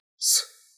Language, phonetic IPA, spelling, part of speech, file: Russian, [s], съ, preposition, Ru-съ.ogg
- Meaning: Pre-1918 spelling of с (s)